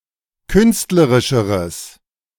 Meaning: strong/mixed nominative/accusative neuter singular comparative degree of künstlerisch
- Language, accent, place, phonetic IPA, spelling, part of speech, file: German, Germany, Berlin, [ˈkʏnstləʁɪʃəʁəs], künstlerischeres, adjective, De-künstlerischeres.ogg